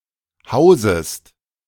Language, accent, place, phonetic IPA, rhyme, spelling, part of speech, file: German, Germany, Berlin, [ˈhaʊ̯zəst], -aʊ̯zəst, hausest, verb, De-hausest.ogg
- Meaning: second-person singular subjunctive I of hausen